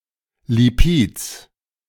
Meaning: genitive singular of Lipid
- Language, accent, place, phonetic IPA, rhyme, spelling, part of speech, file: German, Germany, Berlin, [liˈpiːt͡s], -iːt͡s, Lipids, noun, De-Lipids.ogg